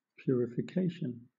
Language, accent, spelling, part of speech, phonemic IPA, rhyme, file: English, Southern England, purification, noun, /ˌpjʊəɹɪfɪˈkeɪʃən/, -eɪʃən, LL-Q1860 (eng)-purification.wav
- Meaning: 1. The act or process of purifying; the removal of impurities 2. A religious act or rite in which a defiled person is made clean or free from sin